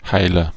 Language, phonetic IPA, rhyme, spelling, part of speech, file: German, [ˈhaɪ̯lɐ], -aɪ̯lɐ, Heiler, noun / proper noun, De-Heiler.ogg
- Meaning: agent noun of heilen: healer